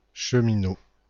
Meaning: a railway worker
- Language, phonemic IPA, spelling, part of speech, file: French, /ʃə.mi.no/, cheminot, noun, FR-cheminot.ogg